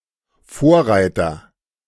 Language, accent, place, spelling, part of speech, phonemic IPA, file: German, Germany, Berlin, Vorreiter, noun, /ˈfoːɐ̯ˌʁaɪ̯tɐ/, De-Vorreiter.ogg
- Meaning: forerunner, trailblazer, pioneer